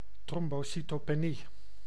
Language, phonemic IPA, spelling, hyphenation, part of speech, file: Dutch, /ˌtrɔm.boːˌsi.toː.peːˈni/, trombocytopenie, trom‧bo‧cy‧to‧pe‧nie, noun, Nl-trombocytopenie.ogg
- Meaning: thrombocytopenia